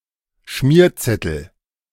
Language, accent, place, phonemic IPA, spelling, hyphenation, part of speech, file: German, Germany, Berlin, /ˈʃmiːɐ̯tsɛtl̩/, Schmierzettel, Schmier‧zet‧tel, noun, De-Schmierzettel.ogg
- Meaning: slip of scratch paper